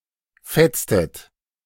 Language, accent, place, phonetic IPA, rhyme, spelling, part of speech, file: German, Germany, Berlin, [ˈfɛt͡stət], -ɛt͡stət, fetztet, verb, De-fetztet.ogg
- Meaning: inflection of fetzen: 1. second-person plural preterite 2. second-person plural subjunctive II